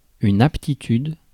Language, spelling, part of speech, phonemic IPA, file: French, aptitude, noun, /ap.ti.tyd/, Fr-aptitude.ogg
- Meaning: aptitude